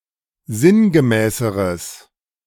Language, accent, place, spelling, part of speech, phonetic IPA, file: German, Germany, Berlin, sinngemäßeres, adjective, [ˈzɪnɡəˌmɛːsəʁəs], De-sinngemäßeres.ogg
- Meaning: strong/mixed nominative/accusative neuter singular comparative degree of sinngemäß